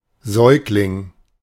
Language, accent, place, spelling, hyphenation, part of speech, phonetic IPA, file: German, Germany, Berlin, Säugling, Säug‧ling, noun, [ˈzɔʏ̯klɪŋ], De-Säugling.ogg
- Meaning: baby, infant, newborn, suckling